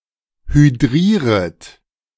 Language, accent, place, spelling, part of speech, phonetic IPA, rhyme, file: German, Germany, Berlin, hydrieret, verb, [hyˈdʁiːʁət], -iːʁət, De-hydrieret.ogg
- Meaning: second-person plural subjunctive I of hydrieren